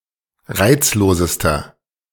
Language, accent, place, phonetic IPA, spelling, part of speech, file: German, Germany, Berlin, [ˈʁaɪ̯t͡sloːzəstɐ], reizlosester, adjective, De-reizlosester.ogg
- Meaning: inflection of reizlos: 1. strong/mixed nominative masculine singular superlative degree 2. strong genitive/dative feminine singular superlative degree 3. strong genitive plural superlative degree